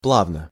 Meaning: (adverb) smoothly (in a smooth manner); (adjective) short neuter singular of пла́вный (plávnyj)
- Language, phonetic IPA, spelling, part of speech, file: Russian, [ˈpɫavnə], плавно, adverb / adjective, Ru-плавно.ogg